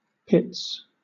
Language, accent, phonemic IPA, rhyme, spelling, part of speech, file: English, Southern England, /pɪts/, -ɪts, pits, noun / verb, LL-Q1860 (eng)-pits.wav
- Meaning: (noun) plural of pit; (verb) third-person singular simple present indicative of pit